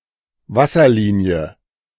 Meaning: water line
- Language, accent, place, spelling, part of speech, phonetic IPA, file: German, Germany, Berlin, Wasserlinie, noun, [ˈvasɐˌliːni̯ə], De-Wasserlinie.ogg